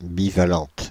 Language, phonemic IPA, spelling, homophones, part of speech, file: French, /bi.va.lɑ̃t/, bivalente, bivalentes, adjective, Fr-bivalente.ogg
- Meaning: feminine singular of bivalent